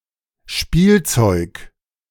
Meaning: 1. toy 2. toys
- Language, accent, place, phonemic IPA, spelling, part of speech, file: German, Germany, Berlin, /ˈʃpiːlˌt͡sɔʏk/, Spielzeug, noun, De-Spielzeug.ogg